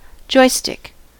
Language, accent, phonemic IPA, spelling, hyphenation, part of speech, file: English, US, /ˈd͡ʒɔɪ.stɪk/, joystick, joy‧stick, noun / verb, En-us-joystick.ogg
- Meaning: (noun) A mechanical control device consisting of a handgrip mounted on a base or pedestal and typically having one or more buttons, used to control an aircraft, computer, or other equipment